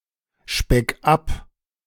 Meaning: 1. singular imperative of abspecken 2. first-person singular present of abspecken
- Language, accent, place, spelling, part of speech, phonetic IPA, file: German, Germany, Berlin, speck ab, verb, [ˌʃpɛk ˈap], De-speck ab.ogg